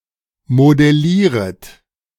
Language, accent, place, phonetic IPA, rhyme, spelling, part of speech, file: German, Germany, Berlin, [modɛˈliːʁət], -iːʁət, modellieret, verb, De-modellieret.ogg
- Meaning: second-person plural subjunctive I of modellieren